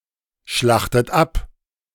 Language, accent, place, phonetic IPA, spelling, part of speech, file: German, Germany, Berlin, [ˌʃlaxtət ˈap], schlachtet ab, verb, De-schlachtet ab.ogg
- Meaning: inflection of abschlachten: 1. third-person singular present 2. second-person plural present 3. second-person plural subjunctive I 4. plural imperative